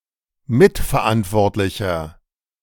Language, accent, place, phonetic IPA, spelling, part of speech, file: German, Germany, Berlin, [ˈmɪtfɛɐ̯ˌʔantvɔʁtlɪçɐ], mitverantwortlicher, adjective, De-mitverantwortlicher.ogg
- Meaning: inflection of mitverantwortlich: 1. strong/mixed nominative masculine singular 2. strong genitive/dative feminine singular 3. strong genitive plural